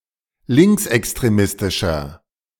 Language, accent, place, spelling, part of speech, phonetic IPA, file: German, Germany, Berlin, linksextremistischer, adjective, [ˈlɪŋksʔɛkstʁeˌmɪstɪʃɐ], De-linksextremistischer.ogg
- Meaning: 1. comparative degree of linksextremistisch 2. inflection of linksextremistisch: strong/mixed nominative masculine singular